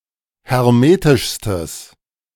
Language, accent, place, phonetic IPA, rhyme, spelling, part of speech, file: German, Germany, Berlin, [hɛʁˈmeːtɪʃstəs], -eːtɪʃstəs, hermetischstes, adjective, De-hermetischstes.ogg
- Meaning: strong/mixed nominative/accusative neuter singular superlative degree of hermetisch